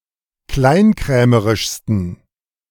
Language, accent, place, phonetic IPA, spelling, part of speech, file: German, Germany, Berlin, [ˈklaɪ̯nˌkʁɛːməʁɪʃstn̩], kleinkrämerischsten, adjective, De-kleinkrämerischsten.ogg
- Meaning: 1. superlative degree of kleinkrämerisch 2. inflection of kleinkrämerisch: strong genitive masculine/neuter singular superlative degree